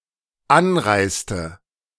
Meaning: inflection of anreisen: 1. first/third-person singular dependent preterite 2. first/third-person singular dependent subjunctive II
- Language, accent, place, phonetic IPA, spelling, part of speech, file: German, Germany, Berlin, [ˈanˌʁaɪ̯stə], anreiste, verb, De-anreiste.ogg